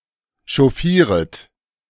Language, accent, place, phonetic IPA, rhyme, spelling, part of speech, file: German, Germany, Berlin, [ʃɔˈfiːʁət], -iːʁət, chauffieret, verb, De-chauffieret.ogg
- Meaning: second-person plural subjunctive I of chauffieren